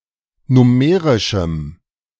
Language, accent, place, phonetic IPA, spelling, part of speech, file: German, Germany, Berlin, [ˈnʊməʁɪʃm̩], nummerischem, adjective, De-nummerischem.ogg
- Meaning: strong dative masculine/neuter singular of nummerisch